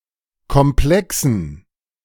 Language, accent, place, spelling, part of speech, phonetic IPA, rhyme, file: German, Germany, Berlin, Komplexen, noun, [kɔmˈplɛksn̩], -ɛksn̩, De-Komplexen.ogg
- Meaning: dative plural of Komplex